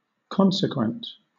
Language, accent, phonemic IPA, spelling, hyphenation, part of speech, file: English, Southern England, /ˈkɒn.sɪ.kwənt/, consequent, con‧se‧quent, adjective / noun, LL-Q1860 (eng)-consequent.wav
- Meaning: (adjective) 1. Following as a result, inference, or natural effect 2. Of or pertaining to consequences 3. Of a stream, having a course determined by the slope it formed on